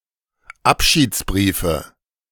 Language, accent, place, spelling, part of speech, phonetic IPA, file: German, Germany, Berlin, Abschiedsbriefe, noun, [ˈapʃiːt͡sˌbʁiːfə], De-Abschiedsbriefe.ogg
- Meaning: nominative/accusative/genitive plural of Abschiedsbrief